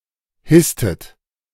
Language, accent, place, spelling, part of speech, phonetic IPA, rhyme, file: German, Germany, Berlin, hisstet, verb, [ˈhɪstət], -ɪstət, De-hisstet.ogg
- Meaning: inflection of hissen: 1. second-person plural preterite 2. second-person plural subjunctive II